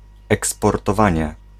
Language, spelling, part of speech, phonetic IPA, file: Polish, eksportowanie, noun, [ˌɛkspɔrtɔˈvãɲɛ], Pl-eksportowanie.ogg